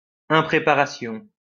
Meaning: 1. lack of preparedness, lack of readiness 2. lack of preparation, lack of training
- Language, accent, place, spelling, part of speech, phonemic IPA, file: French, France, Lyon, impréparation, noun, /ɛ̃.pʁe.pa.ʁa.sjɔ̃/, LL-Q150 (fra)-impréparation.wav